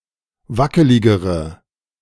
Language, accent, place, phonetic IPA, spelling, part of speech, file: German, Germany, Berlin, [ˈvakəlɪɡəʁə], wackeligere, adjective, De-wackeligere.ogg
- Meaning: inflection of wackelig: 1. strong/mixed nominative/accusative feminine singular comparative degree 2. strong nominative/accusative plural comparative degree